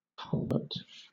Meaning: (noun) A channel crossing under a road or railway for the draining of water; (verb) To channel (a stream of water) through a culvert
- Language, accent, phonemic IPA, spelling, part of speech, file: English, Southern England, /ˈkʌlvə(ɹ)t/, culvert, noun / verb, LL-Q1860 (eng)-culvert.wav